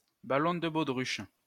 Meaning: inflatable balloon
- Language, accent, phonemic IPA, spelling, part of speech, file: French, France, /ba.lɔ̃ d(ə) bo.dʁyʃ/, ballon de baudruche, noun, LL-Q150 (fra)-ballon de baudruche.wav